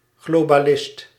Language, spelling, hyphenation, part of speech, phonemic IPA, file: Dutch, globalist, glo‧ba‧list, noun, /ˌɣloː.baːˈlɪst/, Nl-globalist.ogg
- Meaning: globalist